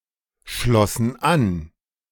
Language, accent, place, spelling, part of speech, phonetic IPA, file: German, Germany, Berlin, schlossen an, verb, [ˌʃlɔsn̩ ˈan], De-schlossen an.ogg
- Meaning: first/third-person plural preterite of anschließen